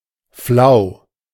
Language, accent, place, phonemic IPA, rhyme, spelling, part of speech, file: German, Germany, Berlin, /flaʊ̯/, -aʊ̯, flau, adjective, De-flau.ogg
- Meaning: 1. calm, weak, (almost) windless 2. flat, weak (of commerce, interest, atmosphere) 3. dizzy, nauseous, queasy